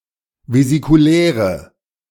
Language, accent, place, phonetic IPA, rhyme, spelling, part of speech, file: German, Germany, Berlin, [vezikuˈlɛːʁə], -ɛːʁə, vesikuläre, adjective, De-vesikuläre.ogg
- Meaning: inflection of vesikulär: 1. strong/mixed nominative/accusative feminine singular 2. strong nominative/accusative plural 3. weak nominative all-gender singular